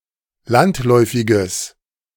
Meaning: strong/mixed nominative/accusative neuter singular of landläufig
- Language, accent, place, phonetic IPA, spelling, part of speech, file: German, Germany, Berlin, [ˈlantˌlɔɪ̯fɪɡəs], landläufiges, adjective, De-landläufiges.ogg